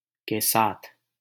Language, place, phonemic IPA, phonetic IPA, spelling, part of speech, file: Hindi, Delhi, /keː sɑːt̪ʰ/, [keː‿säːt̪ʰ], के साथ, postposition, LL-Q1568 (hin)-के साथ.wav
- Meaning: with